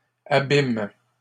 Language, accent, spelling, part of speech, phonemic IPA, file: French, Canada, abiment, verb, /a.bim/, LL-Q150 (fra)-abiment.wav
- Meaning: third-person plural present indicative/subjunctive of abimer